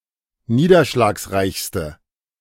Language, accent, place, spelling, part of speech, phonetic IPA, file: German, Germany, Berlin, niederschlagsreichste, adjective, [ˈniːdɐʃlaːksˌʁaɪ̯çstə], De-niederschlagsreichste.ogg
- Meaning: inflection of niederschlagsreich: 1. strong/mixed nominative/accusative feminine singular superlative degree 2. strong nominative/accusative plural superlative degree